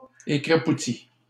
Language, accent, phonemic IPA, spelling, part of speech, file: French, Canada, /e.kʁa.pu.ti/, écrapouti, verb, LL-Q150 (fra)-écrapouti.wav
- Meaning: past participle of écrapoutir